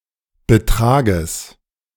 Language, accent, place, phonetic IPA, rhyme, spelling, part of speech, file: German, Germany, Berlin, [bəˈtʁaːɡəs], -aːɡəs, Betrages, noun, De-Betrages.ogg
- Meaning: genitive singular of Betrag